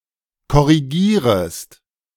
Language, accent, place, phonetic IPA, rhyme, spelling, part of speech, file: German, Germany, Berlin, [kɔʁiˈɡiːʁəst], -iːʁəst, korrigierest, verb, De-korrigierest.ogg
- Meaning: second-person singular subjunctive I of korrigieren